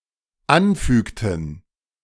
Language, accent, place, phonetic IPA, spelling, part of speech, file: German, Germany, Berlin, [ˈanˌfyːktn̩], anfügten, verb, De-anfügten.ogg
- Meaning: inflection of anfügen: 1. first/third-person plural dependent preterite 2. first/third-person plural dependent subjunctive II